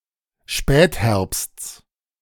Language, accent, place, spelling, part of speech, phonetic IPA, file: German, Germany, Berlin, Spätherbsts, noun, [ˈʃpɛːtˌhɛʁpst͡s], De-Spätherbsts.ogg
- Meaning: genitive singular of Spätherbst